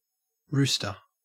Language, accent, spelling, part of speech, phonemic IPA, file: English, Australia, rooster, noun, /ˈɹʉːstə/, En-au-rooster.ogg
- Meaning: 1. A male domestic chicken (Gallus gallus domesticus) or other gallinaceous bird 2. A bird or bat which roosts or is roosting 3. An informer 4. A violent or disorderly person